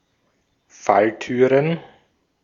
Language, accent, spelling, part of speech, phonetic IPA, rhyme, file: German, Austria, Falltüren, noun, [ˈfalˌtyːʁən], -altyːʁən, De-at-Falltüren.ogg
- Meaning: plural of Falltür